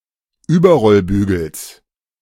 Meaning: genitive singular of Überrollbügel
- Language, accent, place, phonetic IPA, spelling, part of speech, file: German, Germany, Berlin, [ˈyːbɐʁɔlˌbyːɡl̩s], Überrollbügels, noun, De-Überrollbügels.ogg